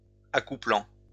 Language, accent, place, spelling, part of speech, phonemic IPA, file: French, France, Lyon, accouplant, verb, /a.ku.plɑ̃/, LL-Q150 (fra)-accouplant.wav
- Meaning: present participle of accoupler